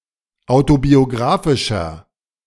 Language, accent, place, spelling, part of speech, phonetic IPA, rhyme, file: German, Germany, Berlin, autobiografischer, adjective, [ˌaʊ̯tobioˈɡʁaːfɪʃɐ], -aːfɪʃɐ, De-autobiografischer.ogg
- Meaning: 1. comparative degree of autobiografisch 2. inflection of autobiografisch: strong/mixed nominative masculine singular 3. inflection of autobiografisch: strong genitive/dative feminine singular